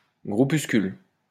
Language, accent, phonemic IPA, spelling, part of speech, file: French, France, /ɡʁu.pys.kyl/, groupuscule, noun, LL-Q150 (fra)-groupuscule.wav
- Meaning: groupuscule (small political group)